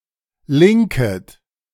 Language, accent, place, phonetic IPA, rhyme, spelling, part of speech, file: German, Germany, Berlin, [ˈlɪŋkət], -ɪŋkət, linket, verb, De-linket.ogg
- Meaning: second-person plural subjunctive I of linken